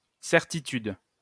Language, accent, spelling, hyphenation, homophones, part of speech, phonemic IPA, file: French, France, certitude, cer‧ti‧tude, certitudes, noun, /sɛʁ.ti.tyd/, LL-Q150 (fra)-certitude.wav
- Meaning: certitude